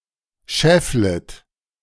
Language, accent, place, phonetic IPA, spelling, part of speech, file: German, Germany, Berlin, [ˈʃɛflət], schefflet, verb, De-schefflet.ogg
- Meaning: second-person plural subjunctive I of scheffeln